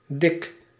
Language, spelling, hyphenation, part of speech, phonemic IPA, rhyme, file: Dutch, dik, dik, adjective / adverb, /dɪk/, -ɪk, Nl-dik.ogg
- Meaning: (adjective) 1. thick 2. fat 3. cool, nice; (adverb) 1. fatly, thickly 2. well, rather, considerably